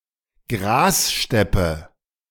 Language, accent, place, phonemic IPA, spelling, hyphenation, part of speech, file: German, Germany, Berlin, /ˈɡʁaːsˌʃtɛpə/, Grassteppe, Gras‧step‧pe, noun, De-Grassteppe.ogg
- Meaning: grass steppe, grassland